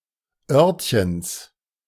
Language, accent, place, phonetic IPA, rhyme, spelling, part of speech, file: German, Germany, Berlin, [ˈœʁtçəns], -œʁtçəns, Örtchens, noun, De-Örtchens.ogg
- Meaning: genitive singular of Örtchen